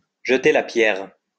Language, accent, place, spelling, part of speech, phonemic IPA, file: French, France, Lyon, jeter la pierre, verb, /ʒə.te la pjɛʁ/, LL-Q150 (fra)-jeter la pierre.wav
- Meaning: to criticise, to blame, to accuse